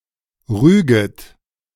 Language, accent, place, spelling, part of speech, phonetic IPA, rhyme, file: German, Germany, Berlin, rüget, verb, [ˈʁyːɡət], -yːɡət, De-rüget.ogg
- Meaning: second-person plural subjunctive I of rügen